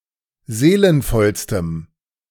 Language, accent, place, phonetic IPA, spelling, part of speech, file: German, Germany, Berlin, [ˈzeːlənfɔlstəm], seelenvollstem, adjective, De-seelenvollstem.ogg
- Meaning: strong dative masculine/neuter singular superlative degree of seelenvoll